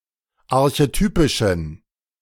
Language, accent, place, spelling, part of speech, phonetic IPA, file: German, Germany, Berlin, archetypischen, adjective, [aʁçeˈtyːpɪʃn̩], De-archetypischen.ogg
- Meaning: inflection of archetypisch: 1. strong genitive masculine/neuter singular 2. weak/mixed genitive/dative all-gender singular 3. strong/weak/mixed accusative masculine singular 4. strong dative plural